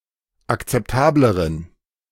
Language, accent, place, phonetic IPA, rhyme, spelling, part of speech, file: German, Germany, Berlin, [akt͡sɛpˈtaːbləʁən], -aːbləʁən, akzeptableren, adjective, De-akzeptableren.ogg
- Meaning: inflection of akzeptabel: 1. strong genitive masculine/neuter singular comparative degree 2. weak/mixed genitive/dative all-gender singular comparative degree